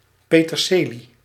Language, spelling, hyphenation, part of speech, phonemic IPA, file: Dutch, peterselie, pe‧ter‧se‧lie, noun, /ˌpeː.tərˈseː.li/, Nl-peterselie.ogg
- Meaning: 1. parsley (Petroselinum crispum) 2. any plant of the genus Petroselinum